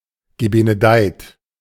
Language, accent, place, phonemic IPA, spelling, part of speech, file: German, Germany, Berlin, /ɡəbenəˈdaɪ̯t/, gebenedeit, verb / adjective, De-gebenedeit.ogg
- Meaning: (verb) past participle of benedeien; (adjective) blessed